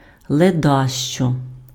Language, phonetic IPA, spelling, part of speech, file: Ukrainian, [ɫeˈdaʃt͡ʃɔ], ледащо, noun, Uk-ледащо.ogg
- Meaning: lazybones, idler, loafer, slacker, bum